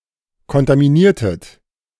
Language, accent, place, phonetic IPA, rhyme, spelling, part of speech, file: German, Germany, Berlin, [kɔntamiˈniːɐ̯tət], -iːɐ̯tət, kontaminiertet, verb, De-kontaminiertet.ogg
- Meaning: inflection of kontaminieren: 1. second-person plural preterite 2. second-person plural subjunctive II